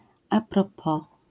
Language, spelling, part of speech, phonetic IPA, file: Polish, à propos, prepositional phrase / particle, [a‿prɔˈpɔ], LL-Q809 (pol)-à propos.wav